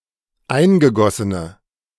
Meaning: inflection of eingegossen: 1. strong/mixed nominative/accusative feminine singular 2. strong nominative/accusative plural 3. weak nominative all-gender singular
- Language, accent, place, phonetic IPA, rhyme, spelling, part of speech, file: German, Germany, Berlin, [ˈaɪ̯nɡəˌɡɔsənə], -aɪ̯nɡəɡɔsənə, eingegossene, adjective, De-eingegossene.ogg